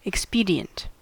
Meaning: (adjective) 1. Suitable to effect some desired end or the purpose intended 2. Affording short-term benefit, often at the expense of the long-term
- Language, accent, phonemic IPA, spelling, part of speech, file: English, US, /ɪkˈspiːdi.ənt/, expedient, adjective / noun, En-us-expedient.ogg